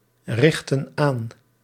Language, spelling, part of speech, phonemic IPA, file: Dutch, richten aan, verb, /ˈrɪxtə(n) ˈan/, Nl-richten aan.ogg
- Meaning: inflection of aanrichten: 1. plural present indicative 2. plural present subjunctive